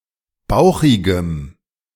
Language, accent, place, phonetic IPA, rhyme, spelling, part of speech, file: German, Germany, Berlin, [ˈbaʊ̯xɪɡəm], -aʊ̯xɪɡəm, bauchigem, adjective, De-bauchigem.ogg
- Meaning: strong dative masculine/neuter singular of bauchig